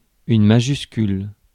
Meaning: capital letter (uppercase letter)
- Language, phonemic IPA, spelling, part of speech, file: French, /ma.ʒys.kyl/, majuscule, noun, Fr-majuscule.ogg